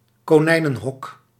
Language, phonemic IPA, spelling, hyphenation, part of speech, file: Dutch, /koːˈnɛi̯.nə(n)ˌɦɔk/, konijnenhok, ko‧nij‧nen‧hok, noun, Nl-konijnenhok.ogg
- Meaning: rabbit hutch